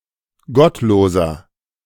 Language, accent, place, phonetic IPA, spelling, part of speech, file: German, Germany, Berlin, [ˈɡɔtˌloːzɐ], gottloser, adjective, De-gottloser.ogg
- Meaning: 1. comparative degree of gottlos 2. inflection of gottlos: strong/mixed nominative masculine singular 3. inflection of gottlos: strong genitive/dative feminine singular